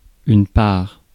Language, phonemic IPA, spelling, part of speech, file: French, /paʁ/, part, noun / verb, Fr-part.ogg
- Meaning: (noun) 1. share 2. portion, part, slice 3. proportion; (verb) third-person singular present indicative of partir; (noun) newborn